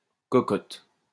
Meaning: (noun) 1. chicken, hen 2. honey, darling 3. small casserole (pot) for individual portions, similar to a Dutch oven 4. promiscuous woman, prostitute 5. vagina 6. pinecone 7. (construction) cone
- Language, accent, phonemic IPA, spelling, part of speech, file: French, France, /kɔ.kɔt/, cocotte, noun / verb, LL-Q150 (fra)-cocotte.wav